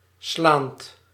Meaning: present participle of slaan
- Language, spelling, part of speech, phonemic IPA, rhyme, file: Dutch, slaand, verb, /ˈslaːnt/, -aːnt, Nl-slaand.ogg